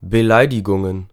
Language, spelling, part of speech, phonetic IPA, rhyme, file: German, Beleidigungen, noun, [bəˈlaɪ̯dɪɡʊŋən], -aɪ̯dɪɡʊŋən, De-Beleidigungen.ogg
- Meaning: plural of Beleidigung